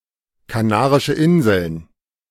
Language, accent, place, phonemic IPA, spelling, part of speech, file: German, Germany, Berlin, /kaˌnaːʁɪʃə ˈʔɪnzl̩n/, Kanarische Inseln, proper noun, De-Kanarische Inseln.ogg
- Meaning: Canary Islands (an archipelago and autonomous community of Spain, off the coast of northwestern Africa, near Morocco)